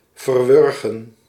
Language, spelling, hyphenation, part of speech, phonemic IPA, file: Dutch, verwurgen, ver‧wur‧gen, verb, /vərˈʋʏr.ɣə(n)/, Nl-verwurgen.ogg
- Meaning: to kill by strangling